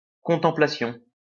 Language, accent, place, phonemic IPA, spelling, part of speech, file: French, France, Lyon, /kɔ̃.tɑ̃.pla.sjɔ̃/, contemplation, noun, LL-Q150 (fra)-contemplation.wav
- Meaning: contemplation